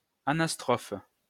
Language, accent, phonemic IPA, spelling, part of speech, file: French, France, /a.nas.tʁɔf/, anastrophe, noun, LL-Q150 (fra)-anastrophe.wav
- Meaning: anastrophe